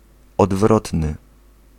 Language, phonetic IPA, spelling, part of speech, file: Polish, [ɔdˈvrɔtnɨ], odwrotny, adjective, Pl-odwrotny.ogg